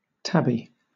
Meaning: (noun) A kind of waved silk, usually called watered silk, manufactured like taffeta, but thicker and stronger. The watering is given to it by calendering
- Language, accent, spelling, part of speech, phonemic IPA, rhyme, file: English, Southern England, tabby, noun / adjective / verb, /ˈtæb.i/, -æbi, LL-Q1860 (eng)-tabby.wav